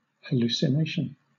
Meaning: A sensory perception of something that does not exist, often arising from disorder of the nervous system, as in delirium tremens
- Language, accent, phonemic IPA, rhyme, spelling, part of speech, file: English, Southern England, /həˌluːsɪˈneɪʃən/, -eɪʃən, hallucination, noun, LL-Q1860 (eng)-hallucination.wav